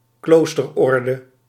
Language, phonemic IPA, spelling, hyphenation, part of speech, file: Dutch, /ˈkloːs.tərˌɔr.də/, kloosterorde, kloos‧ter‧or‧de, noun, Nl-kloosterorde.ogg
- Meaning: a monastic order